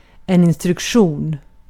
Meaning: an instruction (to a person, an organization or a computer)
- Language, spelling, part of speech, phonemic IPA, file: Swedish, instruktion, noun, /ɪnstrɵkˈɧuːn/, Sv-instruktion.ogg